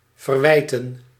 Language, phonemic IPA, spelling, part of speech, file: Dutch, /vərˈʋɛi̯.tə(n)/, verwijten, verb, Nl-verwijten.ogg
- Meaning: to blame for